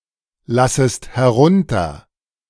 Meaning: second-person singular subjunctive I of herunterlassen
- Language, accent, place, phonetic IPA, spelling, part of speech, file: German, Germany, Berlin, [ˌlasəst hɛˈʁʊntɐ], lassest herunter, verb, De-lassest herunter.ogg